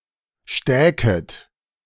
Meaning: second-person plural subjunctive II of stecken
- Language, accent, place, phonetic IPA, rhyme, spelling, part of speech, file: German, Germany, Berlin, [ˈʃtɛːkət], -ɛːkət, stäket, verb, De-stäket.ogg